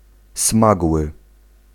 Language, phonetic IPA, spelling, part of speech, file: Polish, [ˈsmaɡwɨ], smagły, adjective, Pl-smagły.ogg